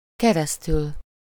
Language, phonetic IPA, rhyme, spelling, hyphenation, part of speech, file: Hungarian, [ˈkɛrɛstyl], -yl, keresztül, ke‧resz‧tül, postposition, Hu-keresztül.ogg
- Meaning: 1. through, across, over (from one side of an opening to the other, with -n/-on/-en/-ön) 2. by means of, via, through 3. for (expressing the duration of time)